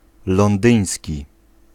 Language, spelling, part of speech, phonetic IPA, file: Polish, londyński, adjective, [lɔ̃nˈdɨ̃j̃sʲci], Pl-londyński.ogg